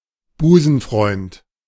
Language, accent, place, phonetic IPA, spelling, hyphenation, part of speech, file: German, Germany, Berlin, [ˈbuːzn̩ˌfʀɔɪ̯nt], Busenfreund, Bu‧sen‧freund, noun, De-Busenfreund.ogg
- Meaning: bosom friend